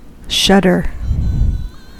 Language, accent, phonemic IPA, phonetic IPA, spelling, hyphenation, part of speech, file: English, US, /ˈʃʌdɚ/, [ˈʃʌɾɚ], shudder, shud‧der, verb / noun, En-us-shudder.ogg
- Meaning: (verb) 1. To shake nervously, often from fear or horror 2. To vibrate jerkily; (noun) 1. A shivering tremor, often from fear or horror 2. A moment of almost pleasurable fear; a frisson